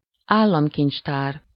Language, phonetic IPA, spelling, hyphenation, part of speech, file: Hungarian, [ˈaːlːɒmkint͡ʃtaːr], államkincstár, ál‧lam‧kincs‧tár, noun, Hu-államkincstár.ogg
- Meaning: treasury (place where state or royal money and valuables are stored)